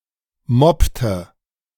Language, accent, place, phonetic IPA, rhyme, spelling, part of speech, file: German, Germany, Berlin, [ˈmɔptə], -ɔptə, mobbte, verb, De-mobbte.ogg
- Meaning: inflection of mobben: 1. first/third-person singular preterite 2. first/third-person singular subjunctive II